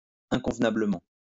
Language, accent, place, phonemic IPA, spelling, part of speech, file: French, France, Lyon, /ɛ̃.kɔ̃v.na.blə.mɑ̃/, inconvenablement, adverb, LL-Q150 (fra)-inconvenablement.wav
- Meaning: 1. inconvenably 2. inconsistently